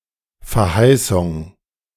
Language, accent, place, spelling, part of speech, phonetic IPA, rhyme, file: German, Germany, Berlin, Verheißung, noun, [fɛɐ̯ˈhaɪ̯sʊŋ], -aɪ̯sʊŋ, De-Verheißung.ogg
- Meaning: promise